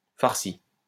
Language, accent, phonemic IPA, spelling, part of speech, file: French, France, /faʁ.si/, farci, verb, LL-Q150 (fra)-farci.wav
- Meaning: past participle of farcir